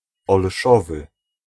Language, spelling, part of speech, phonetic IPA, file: Polish, olszowy, adjective, [ɔlˈʃɔvɨ], Pl-olszowy.ogg